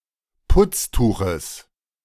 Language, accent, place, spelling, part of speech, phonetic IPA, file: German, Germany, Berlin, Putztuches, noun, [ˈpʊt͡sˌtuːxəs], De-Putztuches.ogg
- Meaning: genitive singular of Putztuch